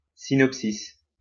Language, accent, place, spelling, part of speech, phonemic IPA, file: French, France, Lyon, synopsis, noun, /si.nɔp.sis/, LL-Q150 (fra)-synopsis.wav
- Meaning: 1. a general overview or synoptic table of a topic 2. Plot summary of a movie